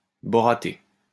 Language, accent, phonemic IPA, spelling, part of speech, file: French, France, /bɔ.ʁa.te/, boraté, adjective, LL-Q150 (fra)-boraté.wav
- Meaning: borated